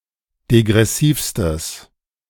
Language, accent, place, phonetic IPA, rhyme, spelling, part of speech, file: German, Germany, Berlin, [deɡʁɛˈsiːfstəs], -iːfstəs, degressivstes, adjective, De-degressivstes.ogg
- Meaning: strong/mixed nominative/accusative neuter singular superlative degree of degressiv